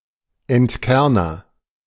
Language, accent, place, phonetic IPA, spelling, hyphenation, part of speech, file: German, Germany, Berlin, [ɛntˈkɛʁnɐ], Entkerner, Ent‧ker‧ner, noun, De-Entkerner.ogg
- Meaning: pitter, corer (device that removes pits or cores)